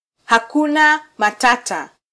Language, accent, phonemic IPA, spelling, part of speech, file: Swahili, Kenya, /hɑˈku.nɑ mɑˈtɑ.tɑ/, hakuna matata, phrase, Sw-ke-hakuna matata.flac
- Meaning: No worries, take it easy, hakuna matata